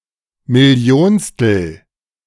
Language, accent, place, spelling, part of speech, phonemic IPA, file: German, Germany, Berlin, millionstel, adjective, /mɪˈli̯oːnstl̩/, De-millionstel2.ogg
- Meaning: millionth (part of)